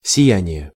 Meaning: radiance, twinkle, shine
- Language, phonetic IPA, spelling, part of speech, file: Russian, [sʲɪˈjænʲɪje], сияние, noun, Ru-сияние.ogg